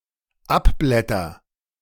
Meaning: first-person singular dependent present of abblättern
- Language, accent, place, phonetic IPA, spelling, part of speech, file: German, Germany, Berlin, [ˈapˌblɛtɐ], abblätter, verb, De-abblätter.ogg